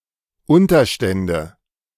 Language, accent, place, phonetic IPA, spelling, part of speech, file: German, Germany, Berlin, [ˈʊntɐʃtɛndə], Unterstände, noun, De-Unterstände.ogg
- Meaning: nominative/accusative/genitive plural of Unterstand